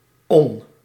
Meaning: 1. -one 2. -on
- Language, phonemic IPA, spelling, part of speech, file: Dutch, /ɔn/, -on, suffix, Nl--on.ogg